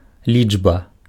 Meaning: 1. digit (a single distinct symbol that forms a part of a written representation of a number) 2. numeral 3. number
- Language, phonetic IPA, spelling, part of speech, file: Belarusian, [ˈlʲid͡ʐba], лічба, noun, Be-лічба.ogg